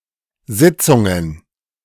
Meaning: plural of Sitzung
- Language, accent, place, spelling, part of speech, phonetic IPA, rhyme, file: German, Germany, Berlin, Sitzungen, noun, [ˈzɪt͡sʊŋən], -ɪt͡sʊŋən, De-Sitzungen.ogg